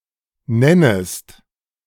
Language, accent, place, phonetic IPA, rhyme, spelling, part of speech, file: German, Germany, Berlin, [ˈnɛnəst], -ɛnəst, nennest, verb, De-nennest.ogg
- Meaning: second-person singular subjunctive I of nennen